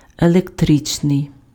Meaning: electric, electrical
- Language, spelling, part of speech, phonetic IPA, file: Ukrainian, електричний, adjective, [eɫekˈtrɪt͡ʃnei̯], Uk-електричний.ogg